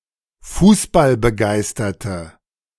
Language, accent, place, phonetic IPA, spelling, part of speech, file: German, Germany, Berlin, [ˈfuːsbalbəˌɡaɪ̯stɐtə], fußballbegeisterte, adjective, De-fußballbegeisterte.ogg
- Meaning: inflection of fußballbegeistert: 1. strong/mixed nominative/accusative feminine singular 2. strong nominative/accusative plural 3. weak nominative all-gender singular